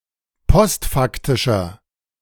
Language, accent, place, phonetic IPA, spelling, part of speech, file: German, Germany, Berlin, [ˈpɔstˌfaktɪʃɐ], postfaktischer, adjective, De-postfaktischer.ogg
- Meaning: inflection of postfaktisch: 1. strong/mixed nominative masculine singular 2. strong genitive/dative feminine singular 3. strong genitive plural